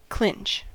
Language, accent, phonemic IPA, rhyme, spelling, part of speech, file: English, US, /klɪnt͡ʃ/, -ɪntʃ, clinch, verb / noun, En-us-clinch.ogg
- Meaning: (verb) 1. To bend and hammer the point of (a nail) so it cannot be removed 2. To clasp; to interlock 3. To fasten securely or permanently 4. To make certain; to finalize 5. To hold firmly; to clench